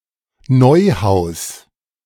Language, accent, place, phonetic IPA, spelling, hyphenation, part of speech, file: German, Germany, Berlin, [ˈnɔɪ̯ˌhaʊ̯s], Neuhaus, Neu‧haus, proper noun, De-Neuhaus.ogg
- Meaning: Neuhaus: a surname, equivalent to English Newhouse